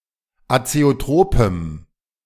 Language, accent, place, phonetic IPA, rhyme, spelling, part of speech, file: German, Germany, Berlin, [at͡seoˈtʁoːpəm], -oːpəm, azeotropem, adjective, De-azeotropem.ogg
- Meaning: strong dative masculine/neuter singular of azeotrop